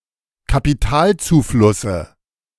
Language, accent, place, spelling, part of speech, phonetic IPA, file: German, Germany, Berlin, Kapitalzuflusse, noun, [kapiˈtaːlt͡suːˌflʊsə], De-Kapitalzuflusse.ogg
- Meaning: dative singular of Kapitalzufluss